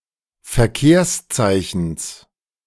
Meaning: genitive singular of Verkehrszeichen
- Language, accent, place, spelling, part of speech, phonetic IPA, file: German, Germany, Berlin, Verkehrszeichens, noun, [fɛɐ̯ˈkeːɐ̯sˌt͡saɪ̯çn̩s], De-Verkehrszeichens.ogg